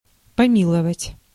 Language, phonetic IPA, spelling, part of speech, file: Russian, [pɐˈmʲiɫəvətʲ], помиловать, verb, Ru-помиловать.ogg
- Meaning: to show mercy (to), to pardon, to grant pardon (to)